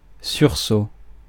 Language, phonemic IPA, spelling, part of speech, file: French, /syʁ.so/, sursaut, noun, Fr-sursaut.ogg
- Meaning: start (sudden movement)